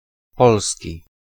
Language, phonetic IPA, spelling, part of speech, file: Polish, [ˈpɔlsʲci], polski, adjective / noun, Pl-polski.ogg